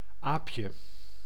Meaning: 1. diminutive of aap 2. a roofed carriage that could be hired for rides
- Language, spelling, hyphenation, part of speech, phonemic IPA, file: Dutch, aapje, aap‧je, noun, /ˈaːp.jə/, Nl-aapje.ogg